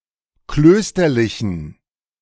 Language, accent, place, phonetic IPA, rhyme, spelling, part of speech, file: German, Germany, Berlin, [ˈkløːstɐlɪçn̩], -øːstɐlɪçn̩, klösterlichen, adjective, De-klösterlichen.ogg
- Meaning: inflection of klösterlich: 1. strong genitive masculine/neuter singular 2. weak/mixed genitive/dative all-gender singular 3. strong/weak/mixed accusative masculine singular 4. strong dative plural